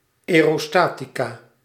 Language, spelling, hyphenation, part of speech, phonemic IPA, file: Dutch, aerostatica, ae‧ro‧sta‧ti‧ca, noun, /ˌɛː.roːˈstaː.ti.kaː/, Nl-aerostatica.ogg
- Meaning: aerostatics